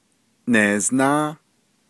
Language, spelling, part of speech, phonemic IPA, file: Navajo, neeznáá, numeral, /nèːznɑ́ː/, Nv-neeznáá.ogg
- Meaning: ten